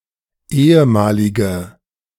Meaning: inflection of ehemalig: 1. strong/mixed nominative/accusative feminine singular 2. strong nominative/accusative plural 3. weak nominative all-gender singular
- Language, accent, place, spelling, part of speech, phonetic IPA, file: German, Germany, Berlin, ehemalige, adjective, [ˈeːəˌmaːlɪɡə], De-ehemalige.ogg